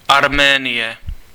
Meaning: Armenia (a country in the South Caucasus region of Asia, sometimes considered to belong politically to Europe)
- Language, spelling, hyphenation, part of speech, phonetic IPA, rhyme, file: Czech, Arménie, Ar‧mé‧nie, proper noun, [ˈarmɛːnɪjɛ], -ɪjɛ, Cs-Arménie.ogg